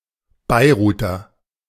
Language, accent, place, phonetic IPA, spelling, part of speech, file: German, Germany, Berlin, [ˌbaɪ̯ˈʀuːtɐ], Beiruter, noun / adjective, De-Beiruter.ogg
- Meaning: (noun) Beiruti (native or inhabitant of Beirut); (adjective) of Beirut; Beiruti